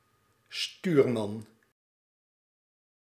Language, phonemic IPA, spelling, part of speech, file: Dutch, /ˈstyrmɑn/, stuurman, noun, Nl-stuurman.ogg
- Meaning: helmsman